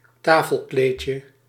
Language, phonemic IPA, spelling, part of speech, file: Dutch, /ˈtafəlˌklecə/, tafelkleedje, noun, Nl-tafelkleedje.ogg
- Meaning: diminutive of tafelkleed